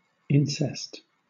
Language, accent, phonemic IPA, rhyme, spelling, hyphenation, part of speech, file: English, Southern England, /ˈɪn.sɛst/, -ɪnsɛst, incest, in‧cest, noun / verb, LL-Q1860 (eng)-incest.wav
- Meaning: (noun) Sexual relations between close relatives, especially immediate family members and sometimes first cousins, usually considered taboo